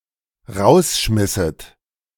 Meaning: second-person plural dependent subjunctive II of rausschmeißen
- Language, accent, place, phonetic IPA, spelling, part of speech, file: German, Germany, Berlin, [ˈʁaʊ̯sˌʃmɪsət], rausschmisset, verb, De-rausschmisset.ogg